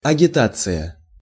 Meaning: agitation, propaganda
- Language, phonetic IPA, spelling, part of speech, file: Russian, [ɐɡʲɪˈtat͡sɨjə], агитация, noun, Ru-агитация.ogg